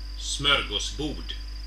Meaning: 1. a smorgasbord (buffet with many small dishes) 2. a smorgasbord (large, diverse collection of things)
- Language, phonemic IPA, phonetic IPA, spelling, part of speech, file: Swedish, /ˈsmœrɡɔsˌbuːrd/, [ˈsmœ̞ɹːɡɔsˌbuːɖ], smörgåsbord, noun, Sv-Smörgåsbord.oga